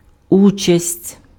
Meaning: 1. participation, partaking 2. share, part
- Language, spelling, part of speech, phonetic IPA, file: Ukrainian, участь, noun, [ˈut͡ʃɐsʲtʲ], Uk-участь.ogg